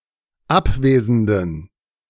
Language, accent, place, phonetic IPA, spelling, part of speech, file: German, Germany, Berlin, [ˈapˌveːzəndn̩], abwesenden, adjective, De-abwesenden.ogg
- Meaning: inflection of abwesend: 1. strong genitive masculine/neuter singular 2. weak/mixed genitive/dative all-gender singular 3. strong/weak/mixed accusative masculine singular 4. strong dative plural